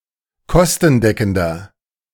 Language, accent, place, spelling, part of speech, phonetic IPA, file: German, Germany, Berlin, kostendeckender, adjective, [ˈkɔstn̩ˌdɛkn̩dɐ], De-kostendeckender.ogg
- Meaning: inflection of kostendeckend: 1. strong/mixed nominative masculine singular 2. strong genitive/dative feminine singular 3. strong genitive plural